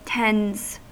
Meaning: third-person singular simple present indicative of tend
- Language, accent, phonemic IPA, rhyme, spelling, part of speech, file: English, US, /tɛndz/, -ɛndz, tends, verb, En-us-tends.ogg